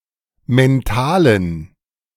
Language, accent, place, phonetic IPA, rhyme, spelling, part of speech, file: German, Germany, Berlin, [mɛnˈtaːlən], -aːlən, mentalen, adjective, De-mentalen.ogg
- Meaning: inflection of mental: 1. strong genitive masculine/neuter singular 2. weak/mixed genitive/dative all-gender singular 3. strong/weak/mixed accusative masculine singular 4. strong dative plural